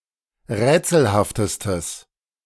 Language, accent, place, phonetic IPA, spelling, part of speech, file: German, Germany, Berlin, [ˈʁɛːt͡sl̩haftəstəs], rätselhaftestes, adjective, De-rätselhaftestes.ogg
- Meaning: strong/mixed nominative/accusative neuter singular superlative degree of rätselhaft